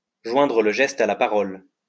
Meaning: to suit the action to the word, to match words with actions, to walk the talk, to put one's money where one's mouth is
- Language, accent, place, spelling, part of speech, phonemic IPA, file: French, France, Lyon, joindre le geste à la parole, verb, /ʒwɛ̃.dʁə l(ə) ʒɛst a la pa.ʁɔl/, LL-Q150 (fra)-joindre le geste à la parole.wav